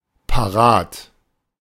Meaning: 1. at hand 2. ready
- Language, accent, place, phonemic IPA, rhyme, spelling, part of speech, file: German, Germany, Berlin, /paˈʁaːt/, -aːt, parat, adjective, De-parat.ogg